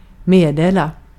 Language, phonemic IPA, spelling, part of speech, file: Swedish, /meː(d)dela/, meddela, verb, Sv-meddela.ogg
- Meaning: to communicate, to notify ((transitive) To give (someone) notice of (something))